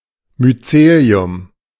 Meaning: alternative form of Myzel
- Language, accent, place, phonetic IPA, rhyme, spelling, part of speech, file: German, Germany, Berlin, [myˈt͡seːli̯ʊm], -eːli̯ʊm, Myzelium, noun, De-Myzelium.ogg